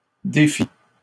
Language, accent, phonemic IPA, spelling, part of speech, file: French, Canada, /de.fi/, défi, noun, LL-Q150 (fra)-défi.wav
- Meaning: challenge